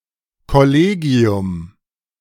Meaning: 1. a governing or overseeing board 2. the faculty of a school; teaching staff
- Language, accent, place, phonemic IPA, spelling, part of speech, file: German, Germany, Berlin, /kɔˈleːɡi̯ʊm/, Kollegium, noun, De-Kollegium.ogg